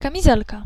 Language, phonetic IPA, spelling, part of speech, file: Polish, [ˌkãmʲiˈzɛlka], kamizelka, noun, Pl-kamizelka.ogg